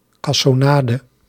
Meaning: brown sugar
- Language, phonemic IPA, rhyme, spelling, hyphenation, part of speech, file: Dutch, /ˌkɑ.sɔˈnaː.də/, -aːdə, cassonade, cas‧so‧na‧de, noun, Nl-cassonade.ogg